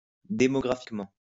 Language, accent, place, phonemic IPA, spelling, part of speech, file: French, France, Lyon, /de.mɔ.ɡʁa.fik.mɑ̃/, démographiquement, adverb, LL-Q150 (fra)-démographiquement.wav
- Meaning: demographically